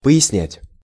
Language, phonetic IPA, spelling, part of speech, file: Russian, [pə(j)ɪsˈnʲætʲ], пояснять, verb, Ru-пояснять.ogg
- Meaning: to clarify, to explain, to illustrate